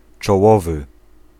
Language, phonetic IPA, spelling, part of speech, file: Polish, [t͡ʃɔˈwɔvɨ], czołowy, adjective, Pl-czołowy.ogg